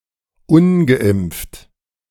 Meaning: unvaccinated
- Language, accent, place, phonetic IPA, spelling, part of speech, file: German, Germany, Berlin, [ˈʊnɡəˌʔɪmp͡ft], ungeimpft, adjective, De-ungeimpft.ogg